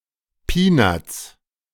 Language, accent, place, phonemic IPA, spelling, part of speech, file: German, Germany, Berlin, /ˈpiːnats/, Peanuts, noun, De-Peanuts.ogg
- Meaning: peanuts (a small amount of money, especially a salary)